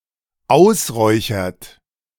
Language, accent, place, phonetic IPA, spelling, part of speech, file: German, Germany, Berlin, [ˈaʊ̯sˌʁɔɪ̯çɐt], ausräuchert, verb, De-ausräuchert.ogg
- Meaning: inflection of ausräuchern: 1. third-person singular dependent present 2. second-person plural dependent present